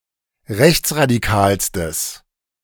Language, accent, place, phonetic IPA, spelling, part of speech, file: German, Germany, Berlin, [ˈʁɛçt͡sʁadiˌkaːlstəs], rechtsradikalstes, adjective, De-rechtsradikalstes.ogg
- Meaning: strong/mixed nominative/accusative neuter singular superlative degree of rechtsradikal